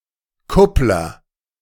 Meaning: pimp, matchmaker
- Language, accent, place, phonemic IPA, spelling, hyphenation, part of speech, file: German, Germany, Berlin, /ˈkʊplɐ/, Kuppler, Kupp‧ler, noun, De-Kuppler.ogg